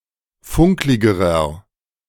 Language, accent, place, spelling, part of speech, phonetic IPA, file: German, Germany, Berlin, funkligerer, adjective, [ˈfʊŋklɪɡəʁɐ], De-funkligerer.ogg
- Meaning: inflection of funklig: 1. strong/mixed nominative masculine singular comparative degree 2. strong genitive/dative feminine singular comparative degree 3. strong genitive plural comparative degree